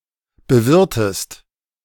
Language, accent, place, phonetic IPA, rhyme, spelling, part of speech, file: German, Germany, Berlin, [bəˈvɪʁtəst], -ɪʁtəst, bewirtest, verb, De-bewirtest.ogg
- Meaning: inflection of bewirten: 1. second-person singular present 2. second-person singular subjunctive I